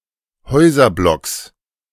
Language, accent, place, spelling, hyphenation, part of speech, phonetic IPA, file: German, Germany, Berlin, Häuserblocks, Häu‧ser‧blocks, noun, [ˈhɔɪ̯zɐˌblɔks], De-Häuserblocks.ogg
- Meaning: 1. genitive singular of Häuserblock 2. plural of Häuserblock